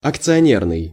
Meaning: shareholder
- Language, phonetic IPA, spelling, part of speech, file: Russian, [ɐkt͡sɨɐˈnʲernɨj], акционерный, adjective, Ru-акционерный.ogg